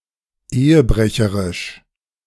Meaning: adulterous
- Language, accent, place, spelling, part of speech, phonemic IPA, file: German, Germany, Berlin, ehebrecherisch, adjective, /ˈeːəˌbʁɛçəʁɪʃ/, De-ehebrecherisch.ogg